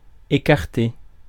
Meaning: 1. to separate, move apart 2. to spread, open (fingers, legs etc) 3. to draw (curtains) 4. to dismiss, rule out, turn down 5. to remove a person from a job or position 6. to lose
- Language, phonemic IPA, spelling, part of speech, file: French, /e.kaʁ.te/, écarter, verb, Fr-écarter.ogg